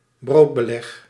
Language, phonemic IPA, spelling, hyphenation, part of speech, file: Dutch, /ˈbroːt.bəˌlɛx/, broodbeleg, brood‧be‧leg, noun, Nl-broodbeleg.ogg
- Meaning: bread topping (such as cheese, meat or jam)